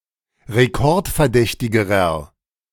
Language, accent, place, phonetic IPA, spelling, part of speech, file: German, Germany, Berlin, [ʁeˈkɔʁtfɛɐ̯ˌdɛçtɪɡəʁɐ], rekordverdächtigerer, adjective, De-rekordverdächtigerer.ogg
- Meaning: inflection of rekordverdächtig: 1. strong/mixed nominative masculine singular comparative degree 2. strong genitive/dative feminine singular comparative degree